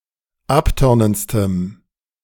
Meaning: strong dative masculine/neuter singular superlative degree of abtörnend
- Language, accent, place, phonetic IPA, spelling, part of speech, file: German, Germany, Berlin, [ˈapˌtœʁnənt͡stəm], abtörnendstem, adjective, De-abtörnendstem.ogg